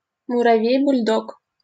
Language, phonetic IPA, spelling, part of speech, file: Russian, [bʊlʲˈdok], бульдог, noun, LL-Q7737 (rus)-бульдог.wav
- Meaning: bulldog